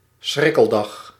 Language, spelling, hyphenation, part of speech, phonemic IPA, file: Dutch, schrikkeldag, schrik‧kel‧dag, noun, /ˈsxrɪ.kəlˌdɑx/, Nl-schrikkeldag.ogg
- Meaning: leap day (29 February)